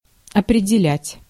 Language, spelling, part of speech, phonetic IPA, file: Russian, определять, verb, [ɐprʲɪdʲɪˈlʲætʲ], Ru-определять.ogg
- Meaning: 1. to determine (to set the limits of) 2. to define 3. to detect, to identify 4. to assess 5. to appoint, to assign